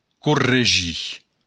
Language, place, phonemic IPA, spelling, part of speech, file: Occitan, Béarn, /kurreˈ(d)ʒi/, corregir, verb, LL-Q14185 (oci)-corregir.wav
- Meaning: to correct